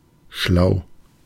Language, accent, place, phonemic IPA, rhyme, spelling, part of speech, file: German, Germany, Berlin, /ʃlaʊ̯/, -aʊ̯, schlau, adjective, De-schlau.ogg
- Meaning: 1. clever in a way that enables one to achieve one's goals; slightly sly or cunning (but not usually implying any evil intentions) 2. bright, intelligent, clever (with no such overtone at all)